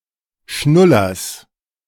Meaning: genitive singular of Schnuller
- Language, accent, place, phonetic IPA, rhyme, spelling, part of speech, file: German, Germany, Berlin, [ˈʃnʊlɐs], -ʊlɐs, Schnullers, noun, De-Schnullers.ogg